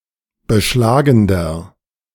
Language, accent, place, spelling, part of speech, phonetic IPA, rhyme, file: German, Germany, Berlin, beschlagender, adjective, [bəˈʃlaːɡn̩dɐ], -aːɡn̩dɐ, De-beschlagender.ogg
- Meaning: inflection of beschlagend: 1. strong/mixed nominative masculine singular 2. strong genitive/dative feminine singular 3. strong genitive plural